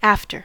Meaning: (adverb) Behind; later in time; following; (preposition) 1. Subsequently to; following in time; later than 2. Subsequently to; following in time; later than.: Subsequently to and as a result of
- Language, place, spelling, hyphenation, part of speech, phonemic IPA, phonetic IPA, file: English, California, after, af‧ter, adverb / preposition / conjunction / adjective / noun, /ˈæftəɹ/, [ˈäftɚ], En-us-after.ogg